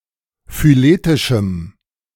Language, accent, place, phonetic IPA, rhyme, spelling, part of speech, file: German, Germany, Berlin, [fyˈleːtɪʃm̩], -eːtɪʃm̩, phyletischem, adjective, De-phyletischem.ogg
- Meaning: strong dative masculine/neuter singular of phyletisch